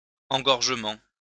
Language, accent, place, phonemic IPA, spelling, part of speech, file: French, France, Lyon, /ɑ̃.ɡɔʁ.ʒə.mɑ̃/, engorgement, noun, LL-Q150 (fra)-engorgement.wav
- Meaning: 1. clogging 2. engorgement